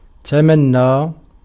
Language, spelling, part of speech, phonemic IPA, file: Arabic, تمنى, verb, /ta.man.naː/, Ar-تمنى.ogg
- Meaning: 1. to wish for, to desire 2. to read 3. to fabricate, to make up (text, speech, etc) 4. to lie